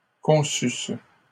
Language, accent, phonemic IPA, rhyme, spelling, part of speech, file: French, Canada, /kɔ̃.sys/, -ys, conçusses, verb, LL-Q150 (fra)-conçusses.wav
- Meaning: second-person singular imperfect subjunctive of concevoir